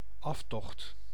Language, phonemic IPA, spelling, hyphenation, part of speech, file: Dutch, /ˈɑf.tɔxt/, aftocht, af‧tocht, noun, Nl-aftocht.ogg
- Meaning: retreat, withdrawal